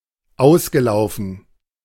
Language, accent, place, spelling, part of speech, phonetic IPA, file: German, Germany, Berlin, ausgelaufen, verb, [ˈaʊ̯sɡəˌlaʊ̯fn̩], De-ausgelaufen.ogg
- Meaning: past participle of auslaufen